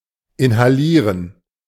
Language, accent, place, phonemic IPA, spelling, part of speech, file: German, Germany, Berlin, /ɪnhaˈliːrən/, inhalieren, verb, De-inhalieren.ogg
- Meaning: to inhale (breathe in strongly, especially for therapeutic purposes)